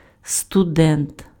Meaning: male student (in university or college)
- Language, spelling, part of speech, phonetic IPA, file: Ukrainian, студент, noun, [stʊˈdɛnt], Uk-студент.ogg